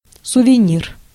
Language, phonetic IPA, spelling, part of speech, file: Russian, [sʊvʲɪˈnʲir], сувенир, noun, Ru-сувенир.ogg
- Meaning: souvenir